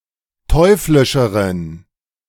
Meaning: inflection of teuflisch: 1. strong genitive masculine/neuter singular comparative degree 2. weak/mixed genitive/dative all-gender singular comparative degree
- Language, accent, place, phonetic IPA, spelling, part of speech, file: German, Germany, Berlin, [ˈtɔɪ̯flɪʃəʁən], teuflischeren, adjective, De-teuflischeren.ogg